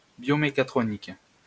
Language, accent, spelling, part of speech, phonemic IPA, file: French, France, biomécatronique, adjective / noun, /bjo.me.ka.tʁɔ.nik/, LL-Q150 (fra)-biomécatronique.wav
- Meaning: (adjective) biomechatronic; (noun) biomechatronics